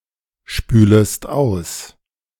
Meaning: second-person singular subjunctive I of ausspülen
- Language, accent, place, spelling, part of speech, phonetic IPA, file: German, Germany, Berlin, spülest aus, verb, [ˌʃpyːləst ˈaʊ̯s], De-spülest aus.ogg